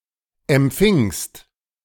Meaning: second-person singular preterite of empfangen
- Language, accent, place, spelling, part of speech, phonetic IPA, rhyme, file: German, Germany, Berlin, empfingst, verb, [ɛmˈp͡fɪŋst], -ɪŋst, De-empfingst.ogg